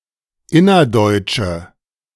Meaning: inflection of innerdeutsch: 1. strong/mixed nominative/accusative feminine singular 2. strong nominative/accusative plural 3. weak nominative all-gender singular
- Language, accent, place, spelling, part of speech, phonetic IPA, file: German, Germany, Berlin, innerdeutsche, adjective, [ˈɪnɐˌdɔɪ̯t͡ʃə], De-innerdeutsche.ogg